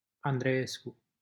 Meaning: a surname
- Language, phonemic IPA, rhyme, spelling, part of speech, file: Romanian, /an.dreˈes.ku/, -esku, Andreescu, proper noun, LL-Q7913 (ron)-Andreescu.wav